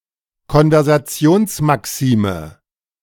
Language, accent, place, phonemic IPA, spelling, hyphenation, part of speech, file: German, Germany, Berlin, /kɔnvɛʁzaˈt͡si̯oːnsmaˌksiːmə/, Konversationsmaxime, Kon‧ver‧sa‧ti‧ons‧ma‧xi‧me, noun, De-Konversationsmaxime.ogg
- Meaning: Grice's maxims